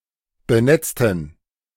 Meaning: inflection of benetzen: 1. first/third-person plural preterite 2. first/third-person plural subjunctive II
- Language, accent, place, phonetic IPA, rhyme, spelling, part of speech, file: German, Germany, Berlin, [bəˈnɛt͡stn̩], -ɛt͡stn̩, benetzten, adjective / verb, De-benetzten.ogg